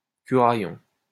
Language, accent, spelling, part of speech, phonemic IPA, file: French, France, curaillon, noun, /ky.ʁa.jɔ̃/, LL-Q150 (fra)-curaillon.wav
- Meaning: priest